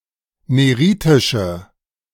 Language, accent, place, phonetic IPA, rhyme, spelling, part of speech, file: German, Germany, Berlin, [ˌneˈʁiːtɪʃə], -iːtɪʃə, neritische, adjective, De-neritische.ogg
- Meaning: inflection of neritisch: 1. strong/mixed nominative/accusative feminine singular 2. strong nominative/accusative plural 3. weak nominative all-gender singular